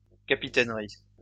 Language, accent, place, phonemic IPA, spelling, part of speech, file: French, France, Lyon, /ka.pi.tɛn.ʁi/, capitainerie, noun, LL-Q150 (fra)-capitainerie.wav
- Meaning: 1. port authority 2. captaincy